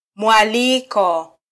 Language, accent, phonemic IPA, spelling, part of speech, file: Swahili, Kenya, /mʷɑˈli.kɔ/, mwaliko, noun, Sw-ke-mwaliko.flac
- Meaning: invitation